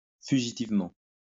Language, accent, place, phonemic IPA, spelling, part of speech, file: French, France, Lyon, /fy.ʒi.tiv.mɑ̃/, fugitivement, adverb, LL-Q150 (fra)-fugitivement.wav
- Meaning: fleetingly